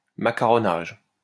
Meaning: 1. macaronage 2. a ceremony where naval fighter pilots receive their badges
- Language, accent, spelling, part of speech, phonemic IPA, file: French, France, macaronage, noun, /ma.ka.ʁɔ.naʒ/, LL-Q150 (fra)-macaronage.wav